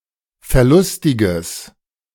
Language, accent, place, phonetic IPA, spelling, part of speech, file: German, Germany, Berlin, [fɛɐ̯ˈlʊstɪɡəs], verlustiges, adjective, De-verlustiges.ogg
- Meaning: strong/mixed nominative/accusative neuter singular of verlustig